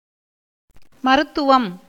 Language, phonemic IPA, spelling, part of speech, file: Tamil, /mɐɾʊt̪ːʊʋɐm/, மருத்துவம், noun, Ta-மருத்துவம்.ogg
- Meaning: 1. medicine 2. practice of medicine 3. remedy 4. midwifery